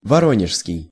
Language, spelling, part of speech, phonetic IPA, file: Russian, воронежский, adjective, [vɐˈronʲɪʂskʲɪj], Ru-воронежский.ogg
- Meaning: Voronezh; Voronezhian